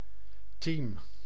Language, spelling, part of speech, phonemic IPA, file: Dutch, team, noun, /tiːm/, Nl-team.ogg
- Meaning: team (group of people)